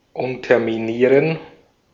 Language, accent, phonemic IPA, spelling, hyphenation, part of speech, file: German, Austria, /ˌʊntɐmiˈniːʁən/, unterminieren, un‧ter‧mi‧nie‧ren, verb, De-at-unterminieren.ogg
- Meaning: to undermine